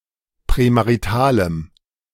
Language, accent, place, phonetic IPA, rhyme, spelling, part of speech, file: German, Germany, Berlin, [pʁɛmaʁiˈtaːləm], -aːləm, prämaritalem, adjective, De-prämaritalem.ogg
- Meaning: strong dative masculine/neuter singular of prämarital